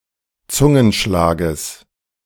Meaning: genitive singular of Zungenschlag
- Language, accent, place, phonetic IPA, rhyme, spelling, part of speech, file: German, Germany, Berlin, [ˈt͡sʊŋənˌʃlaːɡəs], -ʊŋənʃlaːɡəs, Zungenschlages, noun, De-Zungenschlages.ogg